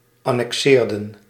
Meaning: inflection of annexeren: 1. plural past indicative 2. plural past subjunctive
- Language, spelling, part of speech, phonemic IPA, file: Dutch, annexeerden, verb, /ˌɑnɛkˈsɪːrdə(n)/, Nl-annexeerden.ogg